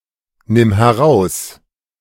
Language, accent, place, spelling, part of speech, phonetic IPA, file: German, Germany, Berlin, nimm heraus, verb, [ˌnɪm hɛˈʁaʊ̯s], De-nimm heraus.ogg
- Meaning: singular imperative of herausnehmen